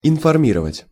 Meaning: to inform, to notify, to advertise (to give public notice of; to announce publicly)
- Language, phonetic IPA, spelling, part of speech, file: Russian, [ɪnfɐrˈmʲirəvətʲ], информировать, verb, Ru-информировать.ogg